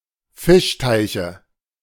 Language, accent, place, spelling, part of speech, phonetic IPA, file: German, Germany, Berlin, Fischteiche, noun, [ˈfɪʃˌtaɪ̯çə], De-Fischteiche.ogg
- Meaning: nominative/accusative/genitive plural of Fischteich